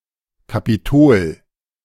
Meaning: 1. Capitoline Hill 2. Washington, D.C
- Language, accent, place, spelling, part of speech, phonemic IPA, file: German, Germany, Berlin, Kapitol, proper noun, /kapiˈtoːl/, De-Kapitol.ogg